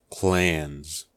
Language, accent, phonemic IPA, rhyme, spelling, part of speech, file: English, US, /klænz/, -ænz, clans, noun, En-us-clans.ogg
- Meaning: plural of clan